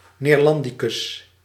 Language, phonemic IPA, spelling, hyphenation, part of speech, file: Dutch, /ˌneːrˈlɑn.di.kʏs/, neerlandicus, neer‧lan‧di‧cus, noun, Nl-neerlandicus.ogg
- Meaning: an expert in, or student of, Dutch studies